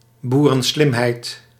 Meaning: a type of down-to-earth cleverness based on levelheadedness, suspicion and logical thinking rather than education
- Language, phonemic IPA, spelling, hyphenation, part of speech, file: Dutch, /ˌbu.rə(n)ˈslɪm.ɦɛi̯t/, boerenslimheid, boe‧ren‧slim‧heid, noun, Nl-boerenslimheid.ogg